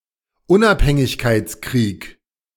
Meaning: war of independence, revolutionary war
- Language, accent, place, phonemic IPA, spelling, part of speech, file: German, Germany, Berlin, /ˈʊnʔaphɛŋɪçkaɪ̯t͡sˌkʁiːk/, Unabhängigkeitskrieg, noun, De-Unabhängigkeitskrieg.ogg